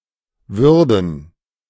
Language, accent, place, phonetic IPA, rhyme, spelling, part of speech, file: German, Germany, Berlin, [ˈvʏʁdn̩], -ʏʁdn̩, Würden, noun, De-Würden.ogg
- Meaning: plural of Würde